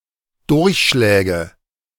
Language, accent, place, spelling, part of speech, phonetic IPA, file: German, Germany, Berlin, Durchschläge, noun, [ˈdʊʁçˌʃlɛːɡə], De-Durchschläge.ogg
- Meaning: nominative/accusative/genitive plural of Durchschlag